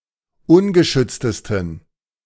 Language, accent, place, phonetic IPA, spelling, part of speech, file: German, Germany, Berlin, [ˈʊnɡəˌʃʏt͡stəstn̩], ungeschütztesten, adjective, De-ungeschütztesten.ogg
- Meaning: 1. superlative degree of ungeschützt 2. inflection of ungeschützt: strong genitive masculine/neuter singular superlative degree